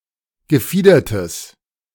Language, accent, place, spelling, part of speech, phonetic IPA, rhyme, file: German, Germany, Berlin, gefiedertes, adjective, [ɡəˈfiːdɐtəs], -iːdɐtəs, De-gefiedertes.ogg
- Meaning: strong/mixed nominative/accusative neuter singular of gefiedert